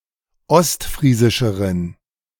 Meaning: inflection of ostfriesisch: 1. strong genitive masculine/neuter singular comparative degree 2. weak/mixed genitive/dative all-gender singular comparative degree
- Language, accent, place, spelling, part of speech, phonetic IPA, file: German, Germany, Berlin, ostfriesischeren, adjective, [ˈɔstˌfʁiːzɪʃəʁən], De-ostfriesischeren.ogg